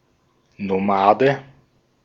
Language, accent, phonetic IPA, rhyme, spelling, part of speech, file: German, Austria, [noˈmaːdə], -aːdə, Nomade, noun, De-at-Nomade.ogg
- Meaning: nomad